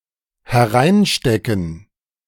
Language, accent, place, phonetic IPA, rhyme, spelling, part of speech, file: German, Germany, Berlin, [hɛˈʁaɪ̯nˌʃtɛkn̩], -aɪ̯nʃtɛkn̩, hereinstecken, verb, De-hereinstecken.ogg
- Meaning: to insert